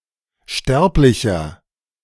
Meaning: 1. mortal (male or of unspecified gender) 2. inflection of Sterbliche: strong genitive/dative singular 3. inflection of Sterbliche: strong genitive plural
- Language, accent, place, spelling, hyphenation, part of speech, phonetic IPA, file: German, Germany, Berlin, Sterblicher, Sterb‧li‧cher, noun, [ˈʃtɛʁplɪçɐ], De-Sterblicher.ogg